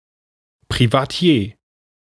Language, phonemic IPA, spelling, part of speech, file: German, /pʁivaˈtjeː/, Privatier, noun, De-Privatier.ogg
- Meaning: independent gentleman, a rentier who does not work